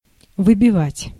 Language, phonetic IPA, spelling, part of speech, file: Russian, [vɨbʲɪˈvatʲ], выбивать, verb, Ru-выбивать.ogg
- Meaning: 1. to beat out, to knock out, to dislodge 2. to eliminate or knock someone out of a game